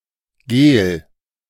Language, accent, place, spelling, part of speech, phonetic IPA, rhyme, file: German, Germany, Berlin, gel, adjective, [ɡeːl], -eːl, De-gel.ogg
- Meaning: alternative spelling of gehl, alternative form of gelb (“yellow”)